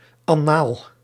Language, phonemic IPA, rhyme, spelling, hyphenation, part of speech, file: Dutch, /ɑˈnaːl/, -aːl, annaal, an‧naal, noun, Nl-annaal.ogg
- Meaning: annals, chronicle